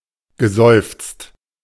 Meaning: past participle of seufzen
- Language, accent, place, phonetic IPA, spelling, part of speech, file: German, Germany, Berlin, [ɡəˈzɔɪ̯ft͡st], geseufzt, verb, De-geseufzt.ogg